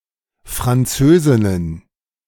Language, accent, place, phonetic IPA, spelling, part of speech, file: German, Germany, Berlin, [fʁanˈt͡søːzɪnən], Französinnen, noun, De-Französinnen.ogg
- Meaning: plural of Französin